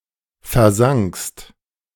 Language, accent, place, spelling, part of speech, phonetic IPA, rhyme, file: German, Germany, Berlin, versankst, verb, [fɛɐ̯ˈzaŋkst], -aŋkst, De-versankst.ogg
- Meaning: second-person singular preterite of versinken